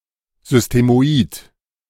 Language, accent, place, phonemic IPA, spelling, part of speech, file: German, Germany, Berlin, /zʏstemoˈiːt/, systemoid, adjective, De-systemoid.ogg
- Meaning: systemoid